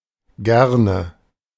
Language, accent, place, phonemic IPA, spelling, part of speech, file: German, Germany, Berlin, /ˈɡɛrnə/, gerne, adverb / interjection, De-gerne.ogg
- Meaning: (adverb) alternative form of gern. (Both are roughly equally frequent.); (interjection) don't mention it, not at all, you're welcome